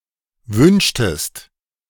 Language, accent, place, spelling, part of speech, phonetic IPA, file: German, Germany, Berlin, wünschtest, verb, [ˈvʏnʃtəst], De-wünschtest.ogg
- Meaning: inflection of wünschen: 1. second-person singular preterite 2. second-person singular subjunctive II